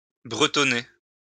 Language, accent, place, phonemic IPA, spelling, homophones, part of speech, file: French, France, Lyon, /bʁə.tɔ.ne/, bretonner, bretonnai / bretonné / bretonnée / bretonnées / bretonnés / bretonnez, verb, LL-Q150 (fra)-bretonner.wav
- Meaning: 1. to talk or speak Breton 2. to talk or speak incomprehensibly